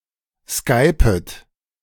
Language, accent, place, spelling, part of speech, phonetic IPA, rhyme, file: German, Germany, Berlin, skypet, verb, [ˈskaɪ̯pət], -aɪ̯pət, De-skypet.ogg
- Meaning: second-person plural subjunctive I of skypen